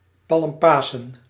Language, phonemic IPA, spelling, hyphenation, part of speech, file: Dutch, /ˌpɑlmˈpaː.sə(n)/, Palmpasen, Palm‧pa‧sen, proper noun, Nl-Palmpasen.ogg
- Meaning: Palm Sunday